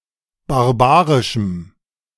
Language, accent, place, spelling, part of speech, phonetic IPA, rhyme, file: German, Germany, Berlin, barbarischem, adjective, [baʁˈbaːʁɪʃm̩], -aːʁɪʃm̩, De-barbarischem.ogg
- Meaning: strong dative masculine/neuter singular of barbarisch